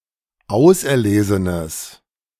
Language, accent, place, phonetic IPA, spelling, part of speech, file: German, Germany, Berlin, [ˈaʊ̯sʔɛɐ̯ˌleːzənəs], auserlesenes, adjective, De-auserlesenes.ogg
- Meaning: strong/mixed nominative/accusative neuter singular of auserlesen